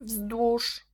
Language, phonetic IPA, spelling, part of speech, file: Polish, [vzdwuʃ], wzdłuż, preposition / adverb, Pl-wzdłuż.ogg